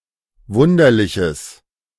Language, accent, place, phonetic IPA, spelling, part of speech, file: German, Germany, Berlin, [ˈvʊndɐlɪçəs], wunderliches, adjective, De-wunderliches.ogg
- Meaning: strong/mixed nominative/accusative neuter singular of wunderlich